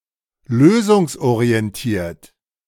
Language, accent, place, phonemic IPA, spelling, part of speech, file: German, Germany, Berlin, /ˈløːzʊŋsʔoʁi̯ɛnˌtiːɐ̯t/, lösungsorientiert, adjective, De-lösungsorientiert.ogg
- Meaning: solution-oriented